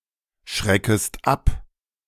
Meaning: second-person singular subjunctive I of abschrecken
- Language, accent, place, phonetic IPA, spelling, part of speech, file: German, Germany, Berlin, [ˌʃʁɛkəst ˈap], schreckest ab, verb, De-schreckest ab.ogg